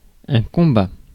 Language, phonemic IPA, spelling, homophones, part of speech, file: French, /kɔ̃.ba/, combat, combats, noun / verb, Fr-combat.ogg
- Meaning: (noun) 1. combat (hostile interaction) 2. combat (contest; competition) 3. battle; military combat; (verb) third-person singular present indicative of combattre